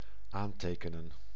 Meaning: 1. to jot down, to write down, to note 2. to appeal
- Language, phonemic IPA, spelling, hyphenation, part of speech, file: Dutch, /ˈaːnˌteːkənə(n)/, aantekenen, aan‧te‧ke‧nen, verb, Nl-aantekenen.ogg